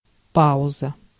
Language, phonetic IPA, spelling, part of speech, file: Russian, [ˈpaʊzə], пауза, noun, Ru-пауза.ogg
- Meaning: 1. pause, interval; rest 2. rest (pause of a specified length in a piece of music)